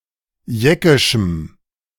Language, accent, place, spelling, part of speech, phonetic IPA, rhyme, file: German, Germany, Berlin, jeckischem, adjective, [ˈjɛkɪʃm̩], -ɛkɪʃm̩, De-jeckischem.ogg
- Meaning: strong dative masculine/neuter singular of jeckisch